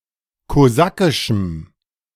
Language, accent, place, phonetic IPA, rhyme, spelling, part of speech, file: German, Germany, Berlin, [koˈzakɪʃm̩], -akɪʃm̩, kosakischem, adjective, De-kosakischem.ogg
- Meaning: strong dative masculine/neuter singular of kosakisch